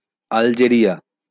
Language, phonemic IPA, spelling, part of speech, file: Bengali, /al.d͡ʒe.ri.a/, আলজেরিয়া, proper noun, LL-Q9610 (ben)-আলজেরিয়া.wav
- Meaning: Algeria (a country in North Africa)